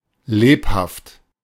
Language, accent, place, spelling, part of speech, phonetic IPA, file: German, Germany, Berlin, lebhaft, adjective, [ˈleːphaft], De-lebhaft.ogg
- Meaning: 1. lively, active, buoyant or agile 2. brisk 3. allegro